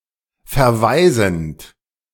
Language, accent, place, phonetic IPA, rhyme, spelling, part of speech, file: German, Germany, Berlin, [fɛɐ̯ˈvaɪ̯zn̩t], -aɪ̯zn̩t, verwaisend, verb, De-verwaisend.ogg
- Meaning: present participle of verwaisen